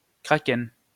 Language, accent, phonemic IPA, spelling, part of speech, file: French, France, /kʁa.kɛn/, kraken, noun, LL-Q150 (fra)-kraken.wav
- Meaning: Kraken